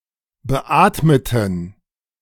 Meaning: inflection of beatmet: 1. strong genitive masculine/neuter singular 2. weak/mixed genitive/dative all-gender singular 3. strong/weak/mixed accusative masculine singular 4. strong dative plural
- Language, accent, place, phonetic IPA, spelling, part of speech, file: German, Germany, Berlin, [bəˈʔaːtmətn̩], beatmeten, adjective / verb, De-beatmeten.ogg